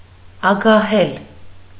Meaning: 1. to be avaricious, greedy 2. to hoard avariciously 3. to try to seize the property of others
- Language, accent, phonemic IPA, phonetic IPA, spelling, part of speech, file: Armenian, Eastern Armenian, /ɑɡɑˈhel/, [ɑɡɑhél], ագահել, verb, Hy-ագահել.ogg